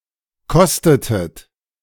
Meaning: inflection of kosten: 1. second-person plural preterite 2. second-person plural subjunctive II
- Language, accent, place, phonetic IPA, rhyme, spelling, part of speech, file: German, Germany, Berlin, [ˈkɔstətət], -ɔstətət, kostetet, verb, De-kostetet.ogg